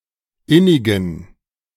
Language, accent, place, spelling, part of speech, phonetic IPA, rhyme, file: German, Germany, Berlin, innigen, adjective, [ˈɪnɪɡn̩], -ɪnɪɡn̩, De-innigen.ogg
- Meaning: inflection of innig: 1. strong genitive masculine/neuter singular 2. weak/mixed genitive/dative all-gender singular 3. strong/weak/mixed accusative masculine singular 4. strong dative plural